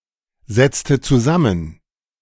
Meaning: inflection of zusammensetzen: 1. first/third-person singular preterite 2. first/third-person singular subjunctive II
- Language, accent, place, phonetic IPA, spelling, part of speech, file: German, Germany, Berlin, [ˌzɛt͡stə t͡suˈzamən], setzte zusammen, verb, De-setzte zusammen.ogg